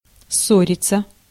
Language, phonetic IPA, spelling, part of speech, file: Russian, [ˈsːorʲɪt͡sə], ссориться, verb, Ru-ссориться.ogg
- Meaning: 1. to quarrel, to fall out (with) 2. passive of ссо́рить (ssóritʹ)